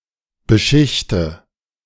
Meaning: inflection of beschichten: 1. first-person singular present 2. first/third-person singular subjunctive I 3. singular imperative
- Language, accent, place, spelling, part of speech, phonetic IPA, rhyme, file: German, Germany, Berlin, beschichte, verb, [bəˈʃɪçtə], -ɪçtə, De-beschichte.ogg